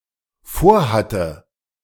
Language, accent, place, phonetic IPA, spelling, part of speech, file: German, Germany, Berlin, [ˈfoːɐ̯ˌhatə], vorhatte, verb, De-vorhatte.ogg
- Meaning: first/third-person singular dependent preterite of vorhaben